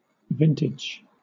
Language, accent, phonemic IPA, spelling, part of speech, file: English, Southern England, /ˈvɪn.tɪd͡ʒ/, vintage, noun / adjective / verb, LL-Q1860 (eng)-vintage.wav
- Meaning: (noun) 1. The yield of grapes or wine from a vineyard or district during one season 2. Wine, especially high-quality, identified as to year and vineyard or district of origin